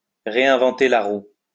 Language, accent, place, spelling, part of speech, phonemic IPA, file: French, France, Lyon, réinventer la roue, verb, /ʁe.ɛ̃.vɑ̃.te la ʁu/, LL-Q150 (fra)-réinventer la roue.wav
- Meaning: to reinvent the wheel (to attempt to devise a solution to a problem when a solution already exists; to do work unnecessarily when it has already been done satisfactorily by others)